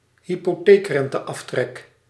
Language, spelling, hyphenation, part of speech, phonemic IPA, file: Dutch, hypotheekrenteaftrek, hy‧po‧theek‧ren‧te‧af‧trek, noun, /ɦi.poːˈteːk.rɛn.təˌɑf.trɛk/, Nl-hypotheekrenteaftrek.ogg
- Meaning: mortgage interest deduction, deduction of taxable income based on mortgage rate (subsidy to encourage homeownership)